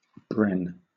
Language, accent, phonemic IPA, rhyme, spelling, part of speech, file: English, Southern England, /bɹɛn/, -ɛn, bren, verb, LL-Q1860 (eng)-bren.wav
- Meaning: To burn (to set ablaze)